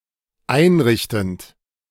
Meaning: present participle of einrichten
- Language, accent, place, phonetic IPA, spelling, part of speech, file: German, Germany, Berlin, [ˈaɪ̯nˌʁɪçtn̩t], einrichtend, verb, De-einrichtend.ogg